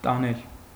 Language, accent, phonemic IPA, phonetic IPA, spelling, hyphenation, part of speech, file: Armenian, Eastern Armenian, /tɑˈnel/, [tɑnél], տանել, տա‧նել, verb, Hy-տանել.ogg
- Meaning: 1. to carry; to carry away or off, to take away; to lead 2. to tolerate, to endure, to stand, to brook 3. to beat (in a game)